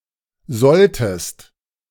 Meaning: inflection of sollen: 1. second-person singular preterite 2. second-person singular subjunctive II
- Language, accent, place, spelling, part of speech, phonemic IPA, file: German, Germany, Berlin, solltest, verb, /ˈzɔltəst/, De-solltest.ogg